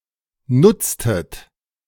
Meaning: inflection of nutzen: 1. second-person plural preterite 2. second-person plural subjunctive II
- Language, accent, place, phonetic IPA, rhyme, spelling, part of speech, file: German, Germany, Berlin, [ˈnʊt͡stət], -ʊt͡stət, nutztet, verb, De-nutztet.ogg